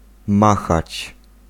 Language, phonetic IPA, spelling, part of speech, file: Polish, [ˈmaxat͡ɕ], machać, verb, Pl-machać.ogg